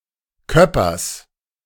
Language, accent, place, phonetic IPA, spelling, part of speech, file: German, Germany, Berlin, [ˈkœpɐs], Köppers, noun, De-Köppers.ogg
- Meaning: genitive singular of Köpper